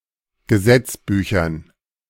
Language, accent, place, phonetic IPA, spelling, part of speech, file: German, Germany, Berlin, [ɡəˈzɛt͡sˌbyːçɐn], Gesetzbüchern, noun, De-Gesetzbüchern.ogg
- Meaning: dative plural of Gesetzbuch